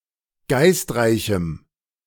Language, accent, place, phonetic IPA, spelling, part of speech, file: German, Germany, Berlin, [ˈɡaɪ̯stˌʁaɪ̯çm̩], geistreichem, adjective, De-geistreichem.ogg
- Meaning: strong dative masculine/neuter singular of geistreich